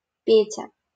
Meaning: a diminutive, Petya, of the male given name Пётр (Pjotr), equivalent to English Pete
- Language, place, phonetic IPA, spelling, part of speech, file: Russian, Saint Petersburg, [ˈpʲetʲə], Петя, proper noun, LL-Q7737 (rus)-Петя.wav